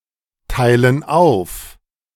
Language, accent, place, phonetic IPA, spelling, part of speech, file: German, Germany, Berlin, [ˌtaɪ̯lən ˈaʊ̯f], teilen auf, verb, De-teilen auf.ogg
- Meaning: inflection of aufteilen: 1. first/third-person plural present 2. first/third-person plural subjunctive I